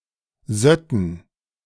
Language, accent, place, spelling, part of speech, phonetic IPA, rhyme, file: German, Germany, Berlin, sötten, verb, [ˈzœtn̩], -œtn̩, De-sötten.ogg
- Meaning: first-person plural subjunctive II of sieden